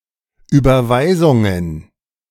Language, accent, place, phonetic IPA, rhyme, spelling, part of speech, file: German, Germany, Berlin, [ˌyːbɐˈvaɪ̯zʊŋən], -aɪ̯zʊŋən, Überweisungen, noun, De-Überweisungen.ogg
- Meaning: plural of Überweisung